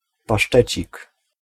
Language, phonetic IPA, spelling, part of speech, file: Polish, [paˈʃtɛt͡ɕik], pasztecik, noun, Pl-pasztecik.ogg